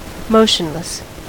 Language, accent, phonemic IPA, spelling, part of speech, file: English, US, /ˈmoʊʃənlɛs/, motionless, adjective, En-us-motionless.ogg
- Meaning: At rest, stationary, immobile, not moving